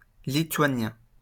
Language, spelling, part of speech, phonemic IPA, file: French, lituanien, noun / adjective, /li.tɥa.njɛ̃/, LL-Q150 (fra)-lituanien.wav
- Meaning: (noun) Lithuanian, the Lithuanian language; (adjective) Lithuanian